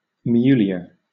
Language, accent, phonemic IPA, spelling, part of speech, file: English, Southern England, /ˈmjuː.lɪə/, mulier, noun, LL-Q1860 (eng)-mulier.wav
- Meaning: A child born lawfully in wedlock, in distinction from an elder sibling born of the same parents before their marriage (bastard eigne)